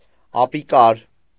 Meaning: 1. useless, inept, unskilful 2. powerless, weak 3. rude, crude
- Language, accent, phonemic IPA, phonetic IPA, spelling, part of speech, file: Armenian, Eastern Armenian, /ɑpiˈkɑɾ/, [ɑpikɑ́ɾ], ապիկար, adjective, Hy-ապիկար.ogg